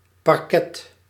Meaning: 1. parquet (inlaid wooden floor) 2. parquet (the branch of the administrative government that handles prosecutions) 3. small confined space
- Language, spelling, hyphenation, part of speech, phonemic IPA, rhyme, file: Dutch, parket, par‧ket, noun, /pɑrˈkɛt/, -ɛt, Nl-parket.ogg